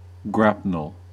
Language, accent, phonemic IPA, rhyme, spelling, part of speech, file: English, US, /ˈɡɹæpnəl/, -æpnəl, grapnel, noun / verb, En-us-grapnel.ogg
- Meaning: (noun) A small anchor, having more than two flukes, used for anchoring a small vessel